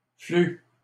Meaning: diarrhea
- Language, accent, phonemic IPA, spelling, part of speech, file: French, Canada, /fly/, flu, noun, LL-Q150 (fra)-flu.wav